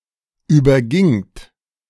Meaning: second-person plural preterite of übergehen
- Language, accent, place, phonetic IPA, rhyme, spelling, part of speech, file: German, Germany, Berlin, [ˌyːbɐˈɡɪŋt], -ɪŋt, übergingt, verb, De-übergingt.ogg